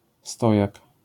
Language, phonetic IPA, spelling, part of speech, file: Polish, [ˈstɔjak], stojak, noun, LL-Q809 (pol)-stojak.wav